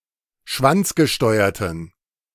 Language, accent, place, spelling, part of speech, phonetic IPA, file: German, Germany, Berlin, schwanzgesteuerten, adjective, [ˈʃvant͡sɡəˌʃtɔɪ̯ɐtn̩], De-schwanzgesteuerten.ogg
- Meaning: inflection of schwanzgesteuert: 1. strong genitive masculine/neuter singular 2. weak/mixed genitive/dative all-gender singular 3. strong/weak/mixed accusative masculine singular